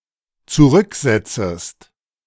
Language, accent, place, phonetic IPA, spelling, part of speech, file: German, Germany, Berlin, [t͡suˈʁʏkˌzɛt͡səst], zurücksetzest, verb, De-zurücksetzest.ogg
- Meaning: second-person singular dependent subjunctive I of zurücksetzen